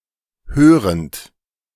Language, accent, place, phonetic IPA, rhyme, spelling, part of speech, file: German, Germany, Berlin, [ˈkøːʁənt], -øːʁənt, körend, verb, De-körend.ogg
- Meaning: present participle of kören